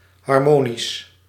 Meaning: harmonic, harmonious
- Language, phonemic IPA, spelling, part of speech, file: Dutch, /ɦɑr.ˈmoː.nis/, harmonisch, adjective, Nl-harmonisch.ogg